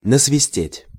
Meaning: 1. to whistle (a melody) 2. to rat (on), to squeal (on)
- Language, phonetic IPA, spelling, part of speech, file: Russian, [nəsvʲɪˈsʲtʲetʲ], насвистеть, verb, Ru-насвистеть.ogg